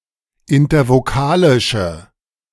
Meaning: inflection of intervokalisch: 1. strong/mixed nominative/accusative feminine singular 2. strong nominative/accusative plural 3. weak nominative all-gender singular
- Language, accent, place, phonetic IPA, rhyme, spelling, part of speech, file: German, Germany, Berlin, [ɪntɐvoˈkaːlɪʃə], -aːlɪʃə, intervokalische, adjective, De-intervokalische.ogg